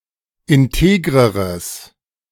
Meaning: strong/mixed nominative/accusative neuter singular comparative degree of integer
- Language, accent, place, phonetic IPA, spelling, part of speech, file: German, Germany, Berlin, [ɪnˈteːɡʁəʁəs], integreres, adjective, De-integreres.ogg